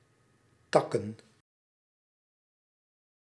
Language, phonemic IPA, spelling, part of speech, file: Dutch, /ˈtɑkə(n)/, takken, noun, Nl-takken.ogg
- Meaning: plural of tak